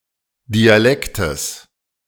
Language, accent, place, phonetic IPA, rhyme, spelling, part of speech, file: German, Germany, Berlin, [diaˈlɛktəs], -ɛktəs, Dialektes, noun, De-Dialektes.ogg
- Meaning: genitive singular of Dialekt